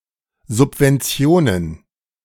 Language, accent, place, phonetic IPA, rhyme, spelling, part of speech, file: German, Germany, Berlin, [zʊpvɛnˈt͡si̯oːnən], -oːnən, Subventionen, noun, De-Subventionen.ogg
- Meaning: plural of Subvention